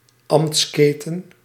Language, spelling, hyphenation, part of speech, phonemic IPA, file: Dutch, ambtsketen, ambts‧ke‧ten, noun, /ˈɑm(p)tsˌkeː.tə(n)/, Nl-ambtsketen.ogg
- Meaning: chain of office, livery collar